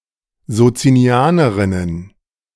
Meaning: plural of Sozinianerin
- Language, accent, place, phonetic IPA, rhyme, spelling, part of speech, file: German, Germany, Berlin, [zot͡siniˈaːnəʁɪnən], -aːnəʁɪnən, Sozinianerinnen, noun, De-Sozinianerinnen.ogg